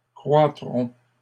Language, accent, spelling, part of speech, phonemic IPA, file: French, Canada, croîtrons, verb, /kʁwa.tʁɔ̃/, LL-Q150 (fra)-croîtrons.wav
- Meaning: first-person plural future of croître